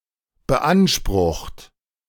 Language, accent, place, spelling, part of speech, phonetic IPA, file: German, Germany, Berlin, beansprucht, verb, [bəˈʔanʃpʁʊxt], De-beansprucht.ogg
- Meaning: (verb) past participle of beanspruchen; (adjective) stressed; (verb) inflection of beanspruchen: 1. third-person singular present 2. second-person plural present 3. plural imperative